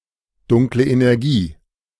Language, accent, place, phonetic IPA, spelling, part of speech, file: German, Germany, Berlin, [ˌdʊŋklə ʔenɛʁˈɡiː], Dunkle Energie, phrase, De-Dunkle Energie.ogg
- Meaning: dark energy